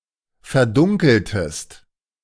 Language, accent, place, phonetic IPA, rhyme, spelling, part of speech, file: German, Germany, Berlin, [fɛɐ̯ˈdʊŋkl̩təst], -ʊŋkl̩təst, verdunkeltest, verb, De-verdunkeltest.ogg
- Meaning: inflection of verdunkeln: 1. second-person singular preterite 2. second-person singular subjunctive II